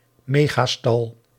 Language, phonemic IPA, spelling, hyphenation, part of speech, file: Dutch, /ˈmeː.ɣaːˌstɑl/, megastal, me‧ga‧stal, noun, Nl-megastal.ogg
- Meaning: a particularly large stable, that can house hundreds of cattle or thousands of other livestock